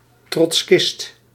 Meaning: Trotskyist, Trotskyite, Trot, trot
- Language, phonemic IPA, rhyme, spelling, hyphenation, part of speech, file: Dutch, /trɔtsˈkɪst/, -ɪst, trotskist, trots‧kist, noun, Nl-trotskist.ogg